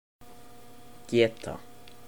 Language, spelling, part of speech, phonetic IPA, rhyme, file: Icelandic, geta, verb / noun, [ˈcɛːta], -ɛːta, Is-geta.oga
- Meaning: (verb) 1. can, to be able 2. to father, to beget 3. to obtain, achieve 4. to guess 5. to mention; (noun) ability